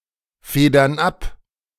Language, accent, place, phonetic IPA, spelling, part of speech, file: German, Germany, Berlin, [ˌfeːdɐn ˈap], federn ab, verb, De-federn ab.ogg
- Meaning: inflection of abfedern: 1. first/third-person plural present 2. first/third-person plural subjunctive I